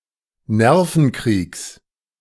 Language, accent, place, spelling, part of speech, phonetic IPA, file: German, Germany, Berlin, Nervenkriegs, noun, [ˈnɛʁfn̩ˌkʁiːks], De-Nervenkriegs.ogg
- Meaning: genitive singular of Nervenkrieg